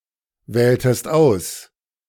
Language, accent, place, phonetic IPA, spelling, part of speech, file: German, Germany, Berlin, [ˌvɛːltəst ˈaʊ̯s], wähltest aus, verb, De-wähltest aus.ogg
- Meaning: inflection of auswählen: 1. second-person singular preterite 2. second-person singular subjunctive II